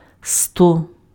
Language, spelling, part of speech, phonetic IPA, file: Ukrainian, сто, numeral, [stɔ], Uk-сто.ogg
- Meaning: hundred